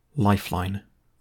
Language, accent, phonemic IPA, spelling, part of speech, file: English, UK, /ˈlaɪfˌlaɪn/, lifeline, noun, En-GB-lifeline.ogg
- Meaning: 1. A line to which a drowning or falling victim may cling 2. A source of salvation in a crisis 3. A means or route for transporting indispensable supplies